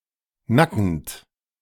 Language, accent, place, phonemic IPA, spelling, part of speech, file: German, Germany, Berlin, /ˈnakənt/, nackend, adjective, De-nackend.ogg
- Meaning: alternative form of nackt